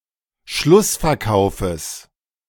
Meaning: genitive singular of Schlussverkauf
- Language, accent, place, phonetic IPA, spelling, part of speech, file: German, Germany, Berlin, [ˈʃlʊsfɛɐ̯ˌkaʊ̯fəs], Schlussverkaufes, noun, De-Schlussverkaufes.ogg